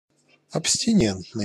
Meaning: abstinence; abstinent
- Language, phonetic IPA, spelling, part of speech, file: Russian, [ɐpsʲtʲɪˈnʲentnɨj], абстинентный, adjective, Ru-абстинентный.ogg